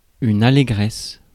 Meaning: elation, joy, gladness
- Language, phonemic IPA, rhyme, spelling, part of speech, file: French, /a.le.ɡʁɛs/, -ɛs, allégresse, noun, Fr-allégresse.ogg